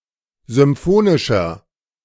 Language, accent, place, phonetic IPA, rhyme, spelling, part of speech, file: German, Germany, Berlin, [zʏmˈfoːnɪʃɐ], -oːnɪʃɐ, symphonischer, adjective, De-symphonischer.ogg
- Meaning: 1. comparative degree of symphonisch 2. inflection of symphonisch: strong/mixed nominative masculine singular 3. inflection of symphonisch: strong genitive/dative feminine singular